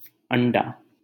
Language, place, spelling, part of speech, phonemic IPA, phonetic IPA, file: Hindi, Delhi, अंडा, noun, /əɳ.ɖɑː/, [ɐ̃ɳ.ɖäː], LL-Q1568 (hin)-अंडा.wav
- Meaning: egg